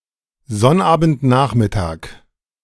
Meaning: Saturday afternoon
- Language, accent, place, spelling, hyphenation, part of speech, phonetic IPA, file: German, Germany, Berlin, Sonnabendnachmittag, Sonn‧abend‧nach‧mit‧tag, noun, [ˈzɔnʔaːbn̩tˌnaːχmɪtaːk], De-Sonnabendnachmittag.ogg